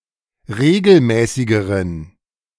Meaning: inflection of regelmäßig: 1. strong genitive masculine/neuter singular comparative degree 2. weak/mixed genitive/dative all-gender singular comparative degree
- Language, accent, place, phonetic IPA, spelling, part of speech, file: German, Germany, Berlin, [ˈʁeːɡl̩ˌmɛːsɪɡəʁən], regelmäßigeren, adjective, De-regelmäßigeren.ogg